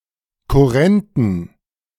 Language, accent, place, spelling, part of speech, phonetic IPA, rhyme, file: German, Germany, Berlin, kurrenten, adjective, [kʊˈʁɛntn̩], -ɛntn̩, De-kurrenten.ogg
- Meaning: inflection of kurrent: 1. strong genitive masculine/neuter singular 2. weak/mixed genitive/dative all-gender singular 3. strong/weak/mixed accusative masculine singular 4. strong dative plural